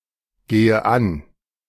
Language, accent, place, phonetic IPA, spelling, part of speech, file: German, Germany, Berlin, [ˌɡeːə ˈan], gehe an, verb, De-gehe an.ogg
- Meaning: inflection of angehen: 1. first-person singular present 2. first/third-person singular subjunctive I 3. singular imperative